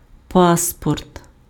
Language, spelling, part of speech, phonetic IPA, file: Ukrainian, паспорт, noun, [ˈpaspɔrt], Uk-паспорт.ogg
- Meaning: passport